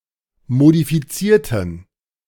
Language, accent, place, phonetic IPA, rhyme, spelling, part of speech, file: German, Germany, Berlin, [modifiˈt͡siːɐ̯tn̩], -iːɐ̯tn̩, modifizierten, adjective / verb, De-modifizierten.ogg
- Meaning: inflection of modifizieren: 1. first/third-person plural preterite 2. first/third-person plural subjunctive II